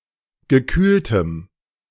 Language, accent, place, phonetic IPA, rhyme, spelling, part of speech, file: German, Germany, Berlin, [ɡəˈkyːltəm], -yːltəm, gekühltem, adjective, De-gekühltem.ogg
- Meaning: strong dative masculine/neuter singular of gekühlt